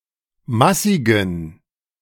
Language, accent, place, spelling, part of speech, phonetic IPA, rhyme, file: German, Germany, Berlin, massigen, adjective, [ˈmasɪɡn̩], -asɪɡn̩, De-massigen.ogg
- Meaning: inflection of massig: 1. strong genitive masculine/neuter singular 2. weak/mixed genitive/dative all-gender singular 3. strong/weak/mixed accusative masculine singular 4. strong dative plural